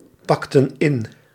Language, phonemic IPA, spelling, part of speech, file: Dutch, /ˈpɑktə(n) ˈɪn/, pakten in, verb, Nl-pakten in.ogg
- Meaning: inflection of inpakken: 1. plural past indicative 2. plural past subjunctive